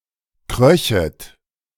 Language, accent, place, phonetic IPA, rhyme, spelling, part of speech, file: German, Germany, Berlin, [ˈkʁœçət], -œçət, kröchet, verb, De-kröchet.ogg
- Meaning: second-person plural subjunctive II of kriechen